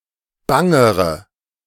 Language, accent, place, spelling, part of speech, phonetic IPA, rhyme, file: German, Germany, Berlin, bangere, adjective, [ˈbaŋəʁə], -aŋəʁə, De-bangere.ogg
- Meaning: inflection of bang: 1. strong/mixed nominative/accusative feminine singular comparative degree 2. strong nominative/accusative plural comparative degree